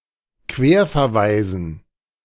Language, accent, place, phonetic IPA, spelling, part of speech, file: German, Germany, Berlin, [ˈkveːɐ̯fɛɐ̯ˌvaɪ̯zn̩], Querverweisen, noun, De-Querverweisen.ogg
- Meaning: dative plural of Querverweis